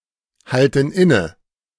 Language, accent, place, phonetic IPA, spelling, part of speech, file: German, Germany, Berlin, [ˌhaltn̩ ˈɪnə], halten inne, verb, De-halten inne.ogg
- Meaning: inflection of innehalten: 1. first/third-person plural present 2. first/third-person plural subjunctive I